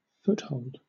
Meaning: 1. A solid grip with the feet 2. A secure position from which it is difficult to be dislodged 3. Airhead, beachhead, bridgehead, lodgement
- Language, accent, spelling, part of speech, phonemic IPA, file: English, Southern England, foothold, noun, /ˈfʊthoʊld/, LL-Q1860 (eng)-foothold.wav